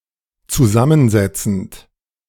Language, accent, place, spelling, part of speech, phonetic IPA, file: German, Germany, Berlin, zusammensetzend, verb, [t͡suˈzamənˌzɛt͡sn̩t], De-zusammensetzend.ogg
- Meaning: present participle of zusammensetzen